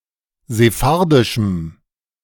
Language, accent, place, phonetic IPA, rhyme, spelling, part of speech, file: German, Germany, Berlin, [zeˈfaʁdɪʃm̩], -aʁdɪʃm̩, sephardischem, adjective, De-sephardischem.ogg
- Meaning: strong dative masculine/neuter singular of sephardisch